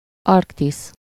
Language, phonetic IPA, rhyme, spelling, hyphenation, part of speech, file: Hungarian, [ˈɒrktis], -is, Arktisz, Ark‧tisz, proper noun, Hu-Arktisz.ogg
- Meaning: Arctic (a continental region consisting of the portion of the Earth north of the Arctic Circle, containing the North Pole)